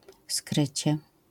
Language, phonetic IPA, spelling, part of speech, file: Polish, [ˈskrɨt͡ɕɛ], skrycie, adverb / noun, LL-Q809 (pol)-skrycie.wav